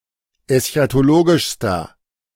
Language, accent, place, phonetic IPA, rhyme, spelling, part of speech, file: German, Germany, Berlin, [ɛsçatoˈloːɡɪʃstɐ], -oːɡɪʃstɐ, eschatologischster, adjective, De-eschatologischster.ogg
- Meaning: inflection of eschatologisch: 1. strong/mixed nominative masculine singular superlative degree 2. strong genitive/dative feminine singular superlative degree